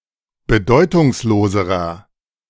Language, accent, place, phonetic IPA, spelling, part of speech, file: German, Germany, Berlin, [bəˈdɔɪ̯tʊŋsˌloːzəʁɐ], bedeutungsloserer, adjective, De-bedeutungsloserer.ogg
- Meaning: inflection of bedeutungslos: 1. strong/mixed nominative masculine singular comparative degree 2. strong genitive/dative feminine singular comparative degree